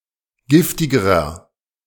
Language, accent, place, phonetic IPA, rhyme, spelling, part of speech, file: German, Germany, Berlin, [ˈɡɪftɪɡəʁɐ], -ɪftɪɡəʁɐ, giftigerer, adjective, De-giftigerer.ogg
- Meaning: inflection of giftig: 1. strong/mixed nominative masculine singular comparative degree 2. strong genitive/dative feminine singular comparative degree 3. strong genitive plural comparative degree